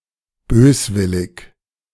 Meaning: 1. malevolent 2. malicious 3. malignant
- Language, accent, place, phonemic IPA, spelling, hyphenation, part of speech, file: German, Germany, Berlin, /ˈbøːsˌvɪlɪç/, böswillig, bös‧wil‧lig, adjective, De-böswillig2.ogg